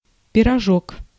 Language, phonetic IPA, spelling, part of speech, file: Russian, [pʲɪrɐˈʐok], пирожок, noun, Ru-пирожок.ogg